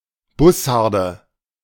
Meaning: nominative/accusative/genitive plural of Bussard
- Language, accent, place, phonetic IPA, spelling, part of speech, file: German, Germany, Berlin, [ˈbʊsaʁdə], Bussarde, noun, De-Bussarde.ogg